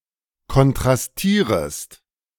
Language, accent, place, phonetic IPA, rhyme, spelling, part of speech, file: German, Germany, Berlin, [kɔntʁasˈtiːʁəst], -iːʁəst, kontrastierest, verb, De-kontrastierest.ogg
- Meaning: second-person singular subjunctive I of kontrastieren